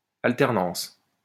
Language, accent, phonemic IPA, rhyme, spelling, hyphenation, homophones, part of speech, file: French, France, /al.tɛʁ.nɑ̃s/, -ɑ̃s, alternance, al‧ter‧nance, alternances, noun, LL-Q150 (fra)-alternance.wav
- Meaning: alternation